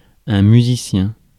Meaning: musician
- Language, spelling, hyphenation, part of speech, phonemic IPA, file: French, musicien, mu‧si‧cien, noun, /my.zi.sjɛ̃/, Fr-musicien.ogg